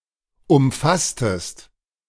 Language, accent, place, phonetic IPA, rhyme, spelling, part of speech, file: German, Germany, Berlin, [ʊmˈfastəst], -astəst, umfasstest, verb, De-umfasstest.ogg
- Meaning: inflection of umfassen: 1. second-person singular preterite 2. second-person singular subjunctive II